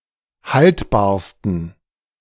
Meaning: 1. superlative degree of haltbar 2. inflection of haltbar: strong genitive masculine/neuter singular superlative degree
- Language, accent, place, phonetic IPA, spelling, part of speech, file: German, Germany, Berlin, [ˈhaltbaːɐ̯stn̩], haltbarsten, adjective, De-haltbarsten.ogg